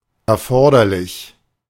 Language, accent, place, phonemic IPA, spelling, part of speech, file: German, Germany, Berlin, /ɛɐ̯ˈfɔʁdɐlɪç/, erforderlich, adjective, De-erforderlich.ogg
- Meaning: necessary, required, essential